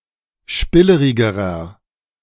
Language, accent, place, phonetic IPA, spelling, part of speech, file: German, Germany, Berlin, [ˈʃpɪləʁɪɡəʁɐ], spillerigerer, adjective, De-spillerigerer.ogg
- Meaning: inflection of spillerig: 1. strong/mixed nominative masculine singular comparative degree 2. strong genitive/dative feminine singular comparative degree 3. strong genitive plural comparative degree